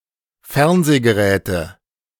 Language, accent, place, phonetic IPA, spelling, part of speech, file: German, Germany, Berlin, [ˈfɛʁnzeːɡəˌʁɛːtə], Fernsehgeräte, noun, De-Fernsehgeräte.ogg
- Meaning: nominative/accusative/genitive plural of Fernsehgerät